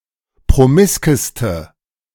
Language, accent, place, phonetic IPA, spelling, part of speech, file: German, Germany, Berlin, [pʁoˈmɪskəstə], promiskeste, adjective, De-promiskeste.ogg
- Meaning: inflection of promisk: 1. strong/mixed nominative/accusative feminine singular superlative degree 2. strong nominative/accusative plural superlative degree